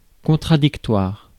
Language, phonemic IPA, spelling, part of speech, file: French, /kɔ̃.tʁa.dik.twaʁ/, contradictoire, adjective, Fr-contradictoire.ogg
- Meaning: 1. contradictory 2. adversarial; involving debate between opposing parties